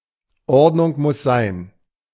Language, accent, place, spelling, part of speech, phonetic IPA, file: German, Germany, Berlin, Ordnung muss sein, proverb, [ˈɔʁdnʊŋ mʊs zaɪ̯n], De-Ordnung muss sein.ogg
- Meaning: There has to be order